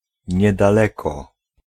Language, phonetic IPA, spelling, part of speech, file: Polish, [ˌɲɛdaˈlɛkɔ], niedaleko, adverb, Pl-niedaleko.ogg